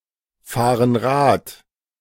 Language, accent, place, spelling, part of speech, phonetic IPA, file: German, Germany, Berlin, fahren Rad, verb, [ˈfaːʁən ˈʁaːt], De-fahren Rad.ogg
- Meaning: inflection of Rad fahren: 1. first/third-person plural present 2. first/third-person plural subjunctive I